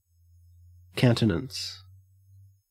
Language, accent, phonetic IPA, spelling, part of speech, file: English, Australia, [kæũ̯n.tɪ̆.nəns], countenance, noun / verb, En-au-countenance.ogg
- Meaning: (noun) 1. Appearance, especially the features and expression of the face 2. Favour; support; encouragement 3. Superficial appearance; show; pretense 4. Calm facial expression, composure, self-control